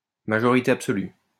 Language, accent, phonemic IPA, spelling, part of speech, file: French, France, /ma.ʒɔ.ʁi.te ap.sɔ.ly/, majorité absolue, noun, LL-Q150 (fra)-majorité absolue.wav
- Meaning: absolute majority (a number of votes totalling over 50 per cent)